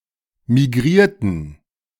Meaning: inflection of migrieren: 1. first/third-person plural preterite 2. first/third-person plural subjunctive II
- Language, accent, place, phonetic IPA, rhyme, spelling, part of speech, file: German, Germany, Berlin, [miˈɡʁiːɐ̯tn̩], -iːɐ̯tn̩, migrierten, adjective / verb, De-migrierten.ogg